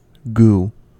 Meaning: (noun) Any semi-solid or liquid substance; especially one that is sticky, gummy or slippery, unpleasant, and of vague or unknown composition, such as slime or semen
- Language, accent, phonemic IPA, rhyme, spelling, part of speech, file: English, US, /ɡuː/, -uː, goo, noun / verb, En-us-goo.ogg